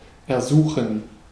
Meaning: 1. to ask or beseech 2. to request (something from someone)
- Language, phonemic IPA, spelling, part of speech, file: German, /ɛɐ̯ˈzuːxn̩/, ersuchen, verb, De-ersuchen.ogg